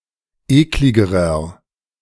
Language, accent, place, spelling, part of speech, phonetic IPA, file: German, Germany, Berlin, ekligerer, adjective, [ˈeːklɪɡəʁɐ], De-ekligerer.ogg
- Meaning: inflection of eklig: 1. strong/mixed nominative masculine singular comparative degree 2. strong genitive/dative feminine singular comparative degree 3. strong genitive plural comparative degree